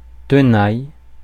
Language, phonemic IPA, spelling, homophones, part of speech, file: French, /tə.naj/, tenaille, tenaillent / tenailles / Thenaille / Thenailles, noun / verb, Fr-tenaille.ogg
- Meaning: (noun) 1. pincer (tool) 2. tenaille; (verb) inflection of tenailler: 1. first/third-person singular present indicative/subjunctive 2. second-person singular imperative